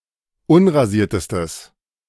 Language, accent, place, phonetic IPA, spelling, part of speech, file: German, Germany, Berlin, [ˈʊnʁaˌziːɐ̯təstəs], unrasiertestes, adjective, De-unrasiertestes.ogg
- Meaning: strong/mixed nominative/accusative neuter singular superlative degree of unrasiert